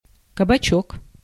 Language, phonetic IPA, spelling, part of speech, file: Russian, [kəbɐˈt͡ɕɵk], кабачок, noun, Ru-кабачок.ogg
- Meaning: 1. diminutive of каба́к (kabák); a (small) tavern, pub, bar 2. a small restaurant 3. courgette, vegetable marrow, zucchini (an edible variety of Cucurbita pepo squash)